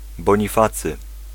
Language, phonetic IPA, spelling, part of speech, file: Polish, [ˌbɔ̃ɲiˈfat͡sɨ], Bonifacy, proper noun, Pl-Bonifacy.ogg